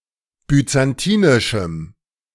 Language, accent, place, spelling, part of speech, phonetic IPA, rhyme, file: German, Germany, Berlin, byzantinischem, adjective, [byt͡sanˈtiːnɪʃm̩], -iːnɪʃm̩, De-byzantinischem.ogg
- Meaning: strong dative masculine/neuter singular of byzantinisch